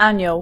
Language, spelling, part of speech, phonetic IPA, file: Polish, anioł, noun, [ˈãɲɔw], Pl-anioł.ogg